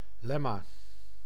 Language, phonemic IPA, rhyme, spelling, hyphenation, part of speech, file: Dutch, /ˈlɛ.maː/, -ɛmaː, lemma, lem‧ma, noun, Nl-lemma.ogg
- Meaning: 1. lemma (proved or accepted proposition used in a proof) 2. lemma (the canonical form of an inflected word, dictionary form)